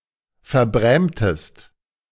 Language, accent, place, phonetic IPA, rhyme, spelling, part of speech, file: German, Germany, Berlin, [fɛɐ̯ˈbʁɛːmtəst], -ɛːmtəst, verbrämtest, verb, De-verbrämtest.ogg
- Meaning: inflection of verbrämen: 1. second-person singular preterite 2. second-person singular subjunctive II